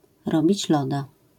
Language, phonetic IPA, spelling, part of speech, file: Polish, [ˈrɔbʲit͡ɕ ˈlɔda], robić loda, phrase, LL-Q809 (pol)-robić loda.wav